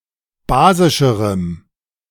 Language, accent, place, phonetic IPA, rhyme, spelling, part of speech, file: German, Germany, Berlin, [ˈbaːzɪʃəʁəm], -aːzɪʃəʁəm, basischerem, adjective, De-basischerem.ogg
- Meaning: strong dative masculine/neuter singular comparative degree of basisch